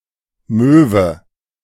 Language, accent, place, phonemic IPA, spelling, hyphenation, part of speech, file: German, Germany, Berlin, /ˈmøːvə/, Möwe, Mö‧we, noun, De-Möwe.ogg
- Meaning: gull, seagull